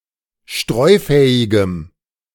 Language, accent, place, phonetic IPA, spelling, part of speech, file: German, Germany, Berlin, [ˈʃtʁɔɪ̯ˌfɛːɪɡəm], streufähigem, adjective, De-streufähigem.ogg
- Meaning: strong dative masculine/neuter singular of streufähig